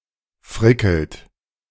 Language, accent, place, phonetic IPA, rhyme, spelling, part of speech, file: German, Germany, Berlin, [ˈfʁɪkl̩t], -ɪkl̩t, frickelt, verb, De-frickelt.ogg
- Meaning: inflection of frickeln: 1. third-person singular present 2. second-person plural present 3. plural imperative